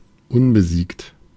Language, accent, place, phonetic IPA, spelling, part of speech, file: German, Germany, Berlin, [ˈʊnbəˌziːkt], unbesiegt, adjective, De-unbesiegt.ogg
- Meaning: undefeated